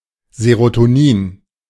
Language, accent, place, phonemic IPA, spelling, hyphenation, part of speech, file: German, Germany, Berlin, /zeʁotoˈniːn/, Serotonin, Se‧ro‧to‧nin, noun, De-Serotonin.ogg
- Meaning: serotonin